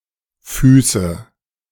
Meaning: 1. nominative plural of Fuß 2. accusative plural of Fuß 3. genitive plural of Fuß
- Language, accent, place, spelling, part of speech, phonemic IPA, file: German, Germany, Berlin, Füße, noun, /ˈfyːsə/, De-Füße2.ogg